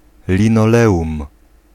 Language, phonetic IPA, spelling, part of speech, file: Polish, [ˌlʲĩnɔˈlɛʷũm], linoleum, noun, Pl-linoleum.ogg